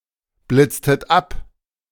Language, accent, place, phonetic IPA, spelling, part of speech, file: German, Germany, Berlin, [ˌblɪt͡stət ˈap], blitztet ab, verb, De-blitztet ab.ogg
- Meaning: inflection of abblitzen: 1. second-person plural preterite 2. second-person plural subjunctive II